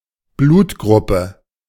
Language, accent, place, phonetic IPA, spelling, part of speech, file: German, Germany, Berlin, [ˈbluːtˌɡʁʊpə], Blutgruppe, noun, De-Blutgruppe.ogg
- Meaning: A blood type, genetic blood classification